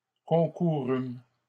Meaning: first-person plural past historic of concourir
- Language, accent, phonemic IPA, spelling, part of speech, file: French, Canada, /kɔ̃.ku.ʁym/, concourûmes, verb, LL-Q150 (fra)-concourûmes.wav